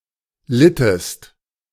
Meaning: inflection of leiden: 1. second-person singular preterite 2. second-person singular subjunctive II
- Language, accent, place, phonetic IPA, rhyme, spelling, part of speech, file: German, Germany, Berlin, [ˈlɪtəst], -ɪtəst, littest, verb, De-littest.ogg